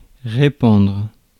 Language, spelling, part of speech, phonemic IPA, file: French, répandre, verb, /ʁe.pɑ̃dʁ/, Fr-répandre.ogg
- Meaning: 1. to spill, scatter 2. to spread 3. to shed (tears) 4. to give off, give out (a smell etc.) 5. to spread, to propagate